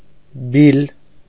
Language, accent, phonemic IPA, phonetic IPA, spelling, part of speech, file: Armenian, Eastern Armenian, /bil/, [bil], բիլ, adjective, Hy-բիլ.ogg
- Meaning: light-blue